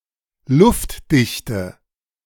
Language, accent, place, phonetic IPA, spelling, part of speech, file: German, Germany, Berlin, [ˈlʊftˌdɪçtə], luftdichte, adjective, De-luftdichte.ogg
- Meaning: inflection of luftdicht: 1. strong/mixed nominative/accusative feminine singular 2. strong nominative/accusative plural 3. weak nominative all-gender singular